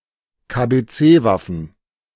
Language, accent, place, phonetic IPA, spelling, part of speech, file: German, Germany, Berlin, [kabeˈt͡seːˌvafn̩], KBC-Waffen, noun, De-KBC-Waffen.ogg
- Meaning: NBC weapons